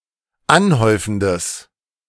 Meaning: strong/mixed nominative/accusative neuter singular of anhäufend
- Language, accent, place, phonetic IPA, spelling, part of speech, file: German, Germany, Berlin, [ˈanˌhɔɪ̯fn̩dəs], anhäufendes, adjective, De-anhäufendes.ogg